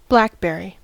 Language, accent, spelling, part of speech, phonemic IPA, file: English, US, blackberry, noun / verb, /ˈblækbɛɹi/, En-us-blackberry.ogg
- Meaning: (noun) 1. A fruit-bearing shrub of the aggregate species Rubus fruticosus and some hybrids 2. The soft fruit borne by this shrub, formed of a black (when ripe) cluster of drupelets